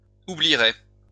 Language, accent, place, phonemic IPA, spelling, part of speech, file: French, France, Lyon, /u.bli.ʁɛ/, oublierait, verb, LL-Q150 (fra)-oublierait.wav
- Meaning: third-person singular conditional of oublier